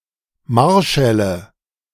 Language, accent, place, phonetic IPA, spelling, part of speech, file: German, Germany, Berlin, [ˈmaʁˌʃɛlə], Marschälle, noun, De-Marschälle.ogg
- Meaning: nominative/accusative/genitive plural of Marschall